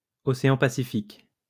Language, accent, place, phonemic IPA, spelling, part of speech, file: French, France, Lyon, /ɔ.se.ɑ̃ pa.si.fik/, océan Pacifique, noun, LL-Q150 (fra)-océan Pacifique.wav
- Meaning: Pacific Ocean (an ocean, the world's largest body of water, to the east of Asia and Australasia and to the west of the Americas)